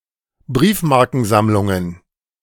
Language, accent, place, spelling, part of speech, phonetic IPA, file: German, Germany, Berlin, Briefmarkensammlungen, noun, [ˈbʁiːfmaʁkn̩ˌzamlʊŋən], De-Briefmarkensammlungen.ogg
- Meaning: plural of Briefmarkensammlung